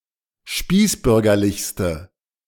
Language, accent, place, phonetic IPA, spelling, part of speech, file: German, Germany, Berlin, [ˈʃpiːsˌbʏʁɡɐlɪçstə], spießbürgerlichste, adjective, De-spießbürgerlichste.ogg
- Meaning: inflection of spießbürgerlich: 1. strong/mixed nominative/accusative feminine singular superlative degree 2. strong nominative/accusative plural superlative degree